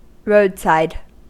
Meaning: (adjective) Located beside a road (or railway); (noun) The area on either side of a road
- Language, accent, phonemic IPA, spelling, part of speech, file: English, US, /ˈɹoʊdsaɪd/, roadside, adjective / noun, En-us-roadside.ogg